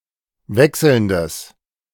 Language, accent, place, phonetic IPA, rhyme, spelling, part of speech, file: German, Germany, Berlin, [ˈvɛksl̩ndəs], -ɛksl̩ndəs, wechselndes, adjective, De-wechselndes.ogg
- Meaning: strong/mixed nominative/accusative neuter singular of wechselnd